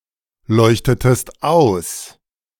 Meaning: inflection of ausleuchten: 1. second-person singular preterite 2. second-person singular subjunctive II
- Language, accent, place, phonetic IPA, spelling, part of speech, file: German, Germany, Berlin, [ˌlɔɪ̯çtətəst ˈaʊ̯s], leuchtetest aus, verb, De-leuchtetest aus.ogg